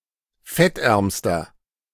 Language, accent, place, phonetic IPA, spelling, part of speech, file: German, Germany, Berlin, [ˈfɛtˌʔɛʁmstɐ], fettärmster, adjective, De-fettärmster.ogg
- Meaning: inflection of fettarm: 1. strong/mixed nominative masculine singular superlative degree 2. strong genitive/dative feminine singular superlative degree 3. strong genitive plural superlative degree